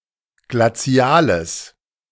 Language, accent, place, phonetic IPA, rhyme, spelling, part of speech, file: German, Germany, Berlin, [ɡlaˈt͡si̯aːləs], -aːləs, glaziales, adjective, De-glaziales.ogg
- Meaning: strong/mixed nominative/accusative neuter singular of glazial